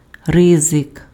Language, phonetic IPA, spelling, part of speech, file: Ukrainian, [ˈrɪzek], ризик, noun, Uk-ризик.ogg
- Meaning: risk